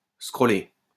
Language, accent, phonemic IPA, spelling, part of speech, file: French, France, /skʁɔ.le/, scroller, verb, LL-Q150 (fra)-scroller.wav
- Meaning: to scroll